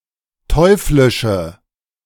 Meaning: inflection of teuflisch: 1. strong/mixed nominative/accusative feminine singular 2. strong nominative/accusative plural 3. weak nominative all-gender singular
- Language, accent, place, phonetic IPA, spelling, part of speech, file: German, Germany, Berlin, [ˈtɔɪ̯flɪʃə], teuflische, adjective, De-teuflische.ogg